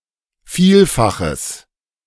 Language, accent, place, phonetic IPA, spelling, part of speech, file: German, Germany, Berlin, [ˈfiːlfaxəs], Vielfaches, noun, De-Vielfaches.ogg
- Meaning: multiple